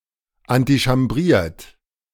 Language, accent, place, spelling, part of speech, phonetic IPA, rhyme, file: German, Germany, Berlin, antichambriert, verb, [antiʃamˈbʁiːɐ̯t], -iːɐ̯t, De-antichambriert.ogg
- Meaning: 1. past participle of antichambrieren 2. inflection of antichambrieren: third-person singular present 3. inflection of antichambrieren: second-person plural present